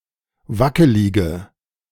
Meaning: inflection of wackelig: 1. strong/mixed nominative/accusative feminine singular 2. strong nominative/accusative plural 3. weak nominative all-gender singular
- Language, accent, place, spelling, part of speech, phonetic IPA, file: German, Germany, Berlin, wackelige, adjective, [ˈvakəlɪɡə], De-wackelige.ogg